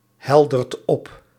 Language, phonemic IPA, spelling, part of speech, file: Dutch, /ˈhɛldərt ˈɔp/, heldert op, verb, Nl-heldert op.ogg
- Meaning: inflection of ophelderen: 1. second/third-person singular present indicative 2. plural imperative